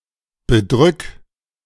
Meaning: 1. singular imperative of bedrücken 2. first-person singular present of bedrücken
- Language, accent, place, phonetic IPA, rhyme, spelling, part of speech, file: German, Germany, Berlin, [bəˈdʁʏk], -ʏk, bedrück, verb, De-bedrück.ogg